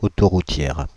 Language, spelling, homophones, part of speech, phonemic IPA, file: French, autoroutière, autoroutières, adjective, /o.tɔ.ʁu.tjɛʁ/, Fr-autoroutière.ogg
- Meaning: feminine singular of autoroutier